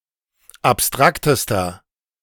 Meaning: inflection of abstrakt: 1. strong/mixed nominative masculine singular superlative degree 2. strong genitive/dative feminine singular superlative degree 3. strong genitive plural superlative degree
- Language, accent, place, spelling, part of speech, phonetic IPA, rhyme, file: German, Germany, Berlin, abstraktester, adjective, [apˈstʁaktəstɐ], -aktəstɐ, De-abstraktester.ogg